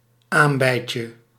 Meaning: diminutive of aambei
- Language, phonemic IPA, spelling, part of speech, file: Dutch, /ˈambɛicə/, aambeitje, noun, Nl-aambeitje.ogg